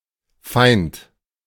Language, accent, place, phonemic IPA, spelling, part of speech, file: German, Germany, Berlin, /faɪ̯nt/, Feind, noun, De-Feind.ogg
- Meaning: enemy, fiend, foe (male or of unspecified gender)